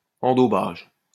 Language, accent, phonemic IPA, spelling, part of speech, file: French, France, /ɑ̃.do.baʒ/, endaubage, noun, LL-Q150 (fra)-endaubage.wav
- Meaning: stewing (method of cooking)